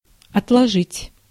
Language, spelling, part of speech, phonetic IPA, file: Russian, отложить, verb, [ɐtɫɐˈʐɨtʲ], Ru-отложить.ogg
- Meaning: 1. to set aside 2. to lay by, to save (money for some purchase) 3. to put off, to delay, to adjourn, to postpone 4. to lay (eggs, spawn etc.) 5. to fold/turn back